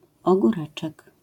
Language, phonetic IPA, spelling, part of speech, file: Polish, [ˌɔɡuˈrɛt͡ʃɛk], ogóreczek, noun, LL-Q809 (pol)-ogóreczek.wav